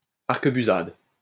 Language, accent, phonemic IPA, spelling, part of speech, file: French, France, /aʁ.kə.by.zad/, arquebusade, noun, LL-Q150 (fra)-arquebusade.wav
- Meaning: arquebusade (shot of an arquebus)